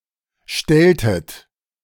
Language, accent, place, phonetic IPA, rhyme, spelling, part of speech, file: German, Germany, Berlin, [ˈʃtɛltət], -ɛltət, stelltet, verb, De-stelltet.ogg
- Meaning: inflection of stellen: 1. second-person plural preterite 2. second-person plural subjunctive II